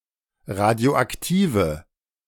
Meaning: inflection of radioaktiv: 1. strong/mixed nominative/accusative feminine singular 2. strong nominative/accusative plural 3. weak nominative all-gender singular
- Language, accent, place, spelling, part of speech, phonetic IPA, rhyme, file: German, Germany, Berlin, radioaktive, adjective, [ˌʁadi̯oʔakˈtiːvə], -iːvə, De-radioaktive.ogg